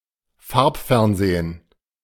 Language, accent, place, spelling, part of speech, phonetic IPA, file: German, Germany, Berlin, Farbfernsehen, noun, [ˈfaʁpˌfɛʁnzeːən], De-Farbfernsehen.ogg
- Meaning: color television (television in color)